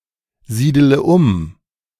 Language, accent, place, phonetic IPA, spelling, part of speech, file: German, Germany, Berlin, [ˌziːdələ ˈʊm], siedele um, verb, De-siedele um.ogg
- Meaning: inflection of umsiedeln: 1. first-person singular present 2. first/third-person singular subjunctive I 3. singular imperative